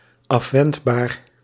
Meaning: preventable, avoidable (that can be prevented or avoided)
- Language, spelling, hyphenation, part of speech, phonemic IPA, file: Dutch, afwendbaar, af‧wend‧baar, adjective, /ˌɑfˈʋɛnt.baːr/, Nl-afwendbaar.ogg